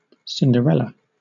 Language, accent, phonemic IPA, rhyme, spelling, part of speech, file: English, Southern England, /ˌsɪndəˈɹɛlə/, -ɛlə, Cinderella, proper noun / noun, LL-Q1860 (eng)-Cinderella.wav
- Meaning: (proper noun) 1. A popular fairy tale embodying a classic folk tale myth-element of unjust oppression and triumphant reward 2. The main character in this story, a mistreated and impoverished girl